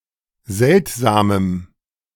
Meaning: strong dative masculine/neuter singular of seltsam
- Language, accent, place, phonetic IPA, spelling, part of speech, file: German, Germany, Berlin, [ˈzɛltzaːməm], seltsamem, adjective, De-seltsamem.ogg